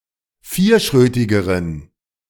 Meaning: inflection of vierschrötig: 1. strong genitive masculine/neuter singular comparative degree 2. weak/mixed genitive/dative all-gender singular comparative degree
- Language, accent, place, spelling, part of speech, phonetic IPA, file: German, Germany, Berlin, vierschrötigeren, adjective, [ˈfiːɐ̯ˌʃʁøːtɪɡəʁən], De-vierschrötigeren.ogg